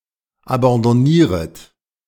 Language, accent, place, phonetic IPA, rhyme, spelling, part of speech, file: German, Germany, Berlin, [abɑ̃dɔˈniːʁət], -iːʁət, abandonnieret, verb, De-abandonnieret.ogg
- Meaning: second-person plural subjunctive I of abandonnieren